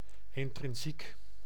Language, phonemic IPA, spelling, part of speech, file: Dutch, /ɪntrɪnˈsik/, intrinsiek, adjective, Nl-intrinsiek.ogg
- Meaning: intrinsic (inherent)